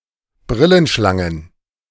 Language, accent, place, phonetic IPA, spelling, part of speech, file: German, Germany, Berlin, [ˈbʁɪlənˌʃlaŋən], Brillenschlangen, noun, De-Brillenschlangen.ogg
- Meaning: plural of Brillenschlange